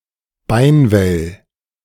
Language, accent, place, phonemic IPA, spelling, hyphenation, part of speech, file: German, Germany, Berlin, /ˈbaɪ̯nˌvɛl/, Beinwell, Bein‧well, noun, De-Beinwell.ogg
- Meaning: comfrey